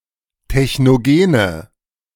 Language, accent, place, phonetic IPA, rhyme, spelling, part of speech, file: German, Germany, Berlin, [tɛçnoˈɡeːnə], -eːnə, technogene, adjective, De-technogene.ogg
- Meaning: inflection of technogen: 1. strong/mixed nominative/accusative feminine singular 2. strong nominative/accusative plural 3. weak nominative all-gender singular